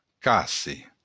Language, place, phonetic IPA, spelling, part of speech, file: Occitan, Béarn, [ˈkase], casse, noun, LL-Q14185 (oci)-casse.wav
- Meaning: oak